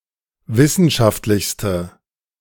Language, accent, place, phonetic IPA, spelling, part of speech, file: German, Germany, Berlin, [ˈvɪsn̩ʃaftlɪçstə], wissenschaftlichste, adjective, De-wissenschaftlichste.ogg
- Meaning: inflection of wissenschaftlich: 1. strong/mixed nominative/accusative feminine singular superlative degree 2. strong nominative/accusative plural superlative degree